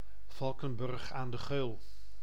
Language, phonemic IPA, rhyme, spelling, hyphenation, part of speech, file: Dutch, /ˈvɑl.kə(n)ˌbʏrx aːn də ˈɣøːl/, -øːl, Valkenburg aan de Geul, Val‧ken‧burg aan de Geul, proper noun, Nl-Valkenburg aan de Geul.ogg
- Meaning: a municipality of Limburg, Netherlands